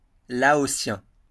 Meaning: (noun) Lao (language); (adjective) Laotian
- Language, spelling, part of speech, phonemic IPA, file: French, laotien, noun / adjective, /la.ɔ.sjɛ̃/, LL-Q150 (fra)-laotien.wav